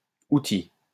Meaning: plural of outil
- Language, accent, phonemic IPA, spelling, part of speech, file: French, France, /u.ti/, outils, noun, LL-Q150 (fra)-outils.wav